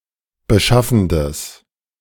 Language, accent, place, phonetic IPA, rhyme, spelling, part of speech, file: German, Germany, Berlin, [bəˈʃafn̩dəs], -afn̩dəs, beschaffendes, adjective, De-beschaffendes.ogg
- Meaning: strong/mixed nominative/accusative neuter singular of beschaffend